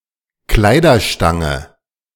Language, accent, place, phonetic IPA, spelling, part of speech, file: German, Germany, Berlin, [ˈklaɪ̯dɐˌʃtaŋə], Kleiderstange, noun, De-Kleiderstange.ogg
- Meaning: clothes rail